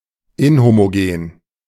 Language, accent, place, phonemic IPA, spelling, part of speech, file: German, Germany, Berlin, /ˈɪnhomoˌɡeːn/, inhomogen, adjective, De-inhomogen.ogg
- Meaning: inhomogenous